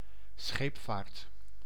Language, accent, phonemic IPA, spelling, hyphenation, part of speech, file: Dutch, Netherlands, /ˈsxeːp.vaːrt/, scheepvaart, scheep‧vaart, noun, Nl-scheepvaart.ogg
- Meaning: shipping, navigation